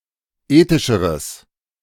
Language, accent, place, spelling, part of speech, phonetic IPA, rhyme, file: German, Germany, Berlin, ethischeres, adjective, [ˈeːtɪʃəʁəs], -eːtɪʃəʁəs, De-ethischeres.ogg
- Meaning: strong/mixed nominative/accusative neuter singular comparative degree of ethisch